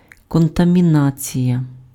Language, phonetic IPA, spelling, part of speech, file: Ukrainian, [kɔntɐmʲiˈnat͡sʲijɐ], контамінація, noun, Uk-контамінація.ogg
- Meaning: contamination (the influence of one word on the development of another)